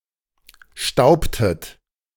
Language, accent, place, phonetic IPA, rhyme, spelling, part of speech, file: German, Germany, Berlin, [ˈʃtaʊ̯ptət], -aʊ̯ptət, staubtet, verb, De-staubtet.ogg
- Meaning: inflection of stauben: 1. second-person plural preterite 2. second-person plural subjunctive II